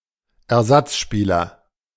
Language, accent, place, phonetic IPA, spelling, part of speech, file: German, Germany, Berlin, [ɛɐ̯ˈzat͡sˌʃpiːlɐ], Ersatzspieler, noun, De-Ersatzspieler.ogg
- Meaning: substitute (player; male or of unspecified sex)